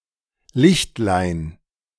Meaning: diminutive of Licht
- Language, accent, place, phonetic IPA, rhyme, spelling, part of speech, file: German, Germany, Berlin, [ˈlɪçtlaɪ̯n], -ɪçtlaɪ̯n, Lichtlein, noun, De-Lichtlein.ogg